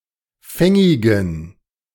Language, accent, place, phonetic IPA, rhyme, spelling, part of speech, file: German, Germany, Berlin, [ˈfɛŋɪɡn̩], -ɛŋɪɡn̩, fängigen, adjective, De-fängigen.ogg
- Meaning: inflection of fängig: 1. strong genitive masculine/neuter singular 2. weak/mixed genitive/dative all-gender singular 3. strong/weak/mixed accusative masculine singular 4. strong dative plural